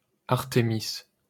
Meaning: Artemis
- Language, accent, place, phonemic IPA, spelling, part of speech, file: French, France, Paris, /aʁ.te.mis/, Artémis, proper noun, LL-Q150 (fra)-Artémis.wav